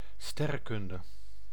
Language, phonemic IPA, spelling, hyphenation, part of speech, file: Dutch, /ˈstɛ.rə(n)ˌkʏn.də/, sterrenkunde, ster‧ren‧kun‧de, noun, Nl-sterrenkunde.ogg
- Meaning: astronomy